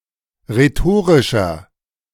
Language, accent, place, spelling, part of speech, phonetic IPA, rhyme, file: German, Germany, Berlin, rhetorischer, adjective, [ʁeˈtoːʁɪʃɐ], -oːʁɪʃɐ, De-rhetorischer.ogg
- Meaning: 1. comparative degree of rhetorisch 2. inflection of rhetorisch: strong/mixed nominative masculine singular 3. inflection of rhetorisch: strong genitive/dative feminine singular